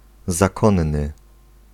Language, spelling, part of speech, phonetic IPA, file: Polish, zakonny, adjective, [zaˈkɔ̃nːɨ], Pl-zakonny.ogg